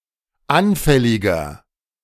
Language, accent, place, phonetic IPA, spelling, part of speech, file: German, Germany, Berlin, [ˈanfɛlɪɡɐ], anfälliger, adjective, De-anfälliger.ogg
- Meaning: 1. comparative degree of anfällig 2. inflection of anfällig: strong/mixed nominative masculine singular 3. inflection of anfällig: strong genitive/dative feminine singular